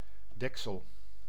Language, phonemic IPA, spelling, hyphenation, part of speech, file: Dutch, /ˈdɛk.səl/, deksel, dek‧sel, noun, Nl-deksel.ogg
- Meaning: 1. lid (top or cover of a container) 2. cover, shelter 3. roof